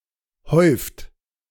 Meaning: inflection of häufen: 1. second-person plural present 2. third-person singular present 3. plural imperative
- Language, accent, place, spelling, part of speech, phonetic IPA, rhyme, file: German, Germany, Berlin, häuft, verb, [hɔɪ̯ft], -ɔɪ̯ft, De-häuft.ogg